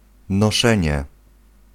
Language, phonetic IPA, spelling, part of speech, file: Polish, [nɔˈʃɛ̃ɲɛ], noszenie, noun, Pl-noszenie.ogg